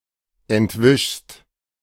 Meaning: second-person singular present of entwischen
- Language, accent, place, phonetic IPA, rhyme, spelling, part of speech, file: German, Germany, Berlin, [ɛntˈvɪʃst], -ɪʃst, entwischst, verb, De-entwischst.ogg